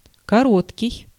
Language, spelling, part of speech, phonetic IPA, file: Russian, короткий, adjective, [kɐˈrotkʲɪj], Ru-короткий.ogg
- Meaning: 1. short, brief 2. intimate